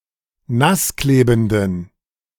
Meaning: inflection of nassklebend: 1. strong genitive masculine/neuter singular 2. weak/mixed genitive/dative all-gender singular 3. strong/weak/mixed accusative masculine singular 4. strong dative plural
- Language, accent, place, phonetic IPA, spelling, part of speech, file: German, Germany, Berlin, [ˈnasˌkleːbn̩dən], nassklebenden, adjective, De-nassklebenden.ogg